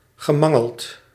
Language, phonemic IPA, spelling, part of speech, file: Dutch, /ɣəˈmɑŋəɫt/, gemangeld, verb, Nl-gemangeld.ogg
- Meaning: past participle of mangelen